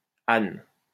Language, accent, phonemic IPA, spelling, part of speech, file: French, France, /an/, -ane, suffix, LL-Q150 (fra)--ane.wav
- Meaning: 1. -ane 2. female equivalent of -an (noun) (demonym) 3. feminine singular of -an (adjective) (demonym)